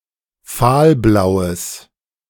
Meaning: strong/mixed nominative/accusative neuter singular of fahlblau
- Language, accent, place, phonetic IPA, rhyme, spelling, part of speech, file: German, Germany, Berlin, [ˈfaːlˌblaʊ̯əs], -aːlblaʊ̯əs, fahlblaues, adjective, De-fahlblaues.ogg